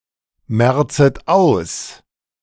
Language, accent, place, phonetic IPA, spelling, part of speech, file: German, Germany, Berlin, [ˌmɛʁt͡sət ˈaʊ̯s], merzet aus, verb, De-merzet aus.ogg
- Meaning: second-person plural subjunctive I of ausmerzen